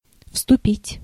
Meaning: 1. to enter, to march into (of the troops) 2. to join, to enlist 3. to begin, to start, to assume
- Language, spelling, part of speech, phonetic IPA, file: Russian, вступить, verb, [fstʊˈpʲitʲ], Ru-вступить.ogg